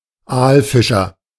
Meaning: eeler, eel fisher
- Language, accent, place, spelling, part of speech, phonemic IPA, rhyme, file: German, Germany, Berlin, Aalfischer, noun, /ˈaːlˌfɪʃɐ/, -ɪʃɐ, De-Aalfischer.ogg